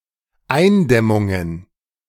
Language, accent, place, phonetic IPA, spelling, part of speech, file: German, Germany, Berlin, [ˈaɪ̯nˌdɛmʊŋən], Eindämmungen, noun, De-Eindämmungen.ogg
- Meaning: plural of Eindämmung